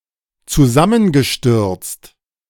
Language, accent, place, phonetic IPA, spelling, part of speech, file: German, Germany, Berlin, [t͡suˈzamənɡəˌʃtʏʁt͡st], zusammengestürzt, verb, De-zusammengestürzt.ogg
- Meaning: past participle of zusammenstürzen